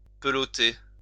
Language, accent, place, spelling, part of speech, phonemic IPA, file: French, France, Lyon, peloter, verb, /pə.lɔ.te/, LL-Q150 (fra)-peloter.wav
- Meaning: 1. to wind, roll etc. into a ball 2. to touch up, feel up (sexually) 3. to make out